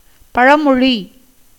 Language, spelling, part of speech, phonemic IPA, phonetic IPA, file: Tamil, பழமொழி, noun, /pɐɻɐmoɻiː/, [pɐɻɐmo̞ɻiː], Ta-பழமொழி.ogg
- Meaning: proverb, maxim